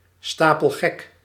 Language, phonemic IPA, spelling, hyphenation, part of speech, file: Dutch, /ˌstaː.pəlˈɣɛk/, stapelgek, sta‧pel‧gek, adjective, Nl-stapelgek.ogg
- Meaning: 1. completely mad, totally crazy 2. completely besotten, infatuated